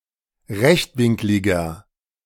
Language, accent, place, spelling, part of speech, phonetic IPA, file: German, Germany, Berlin, rechtwinkliger, adjective, [ˈʁɛçtˌvɪŋklɪɡɐ], De-rechtwinkliger.ogg
- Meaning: inflection of rechtwinklig: 1. strong/mixed nominative masculine singular 2. strong genitive/dative feminine singular 3. strong genitive plural